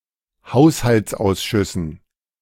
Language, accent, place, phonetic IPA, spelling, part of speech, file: German, Germany, Berlin, [ˈhaʊ̯shalt͡sˌʔaʊ̯sʃʏsn̩], Haushaltsausschüssen, noun, De-Haushaltsausschüssen.ogg
- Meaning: dative plural of Haushaltsausschuss